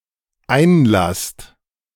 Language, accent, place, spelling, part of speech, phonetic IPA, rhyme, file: German, Germany, Berlin, einlasst, verb, [ˈaɪ̯nˌlast], -aɪ̯nlast, De-einlasst.ogg
- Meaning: second-person plural dependent present of einlassen